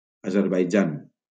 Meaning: Azerbaijan (a country in the South Caucasus in Asia and Europe)
- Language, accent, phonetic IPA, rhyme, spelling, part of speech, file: Catalan, Valencia, [a.zeɾ.bajˈd͡ʒan], -an, Azerbaidjan, proper noun, LL-Q7026 (cat)-Azerbaidjan.wav